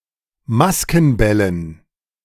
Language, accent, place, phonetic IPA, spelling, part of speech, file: German, Germany, Berlin, [ˈmaskn̩ˌbɛlən], Maskenbällen, noun, De-Maskenbällen.ogg
- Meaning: dative plural of Maskenball